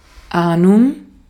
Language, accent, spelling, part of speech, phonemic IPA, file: German, Austria, Ahnung, noun, /ˈʔaːnʊŋ/, De-at-Ahnung.ogg
- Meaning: 1. anticipation, inkling 2. clue, idea, notion